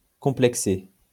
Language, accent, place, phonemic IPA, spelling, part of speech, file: French, France, Lyon, /kɔ̃.plɛk.se/, complexé, verb / adjective, LL-Q150 (fra)-complexé.wav
- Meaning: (verb) past participle of complexer; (adjective) 1. troubled, hung up 2. complexed